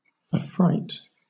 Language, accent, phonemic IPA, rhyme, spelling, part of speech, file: English, Southern England, /əˈfɹaɪt/, -aɪt, affright, noun / verb / adjective, LL-Q1860 (eng)-affright.wav
- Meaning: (noun) Great fear, terror, fright; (verb) To inspire fright in; to frighten, to terrify; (adjective) afraid; terrified; frightened